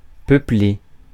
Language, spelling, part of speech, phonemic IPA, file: French, peupler, verb, /pœ.ple/, Fr-peupler.ogg
- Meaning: to populate